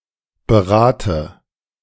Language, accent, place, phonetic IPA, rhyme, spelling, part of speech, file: German, Germany, Berlin, [bəˈʁaːtə], -aːtə, berate, verb, De-berate.ogg
- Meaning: inflection of beraten: 1. first-person singular present 2. first/third-person singular subjunctive I 3. singular imperative